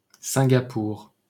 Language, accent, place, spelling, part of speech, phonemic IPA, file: French, France, Paris, Singapour, proper noun, /sɛ̃.ɡa.puʁ/, LL-Q150 (fra)-Singapour.wav
- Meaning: Singapore (an island and city-state in Southeast Asia, located off the southernmost tip of the Malay Peninsula; a former British crown colony and state of Malaysia (1963-1965))